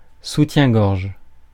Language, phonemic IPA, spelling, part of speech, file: French, /su.tjɛ̃.ɡɔʁʒ/, soutien-gorge, noun, Fr-soutien-gorge.ogg
- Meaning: bra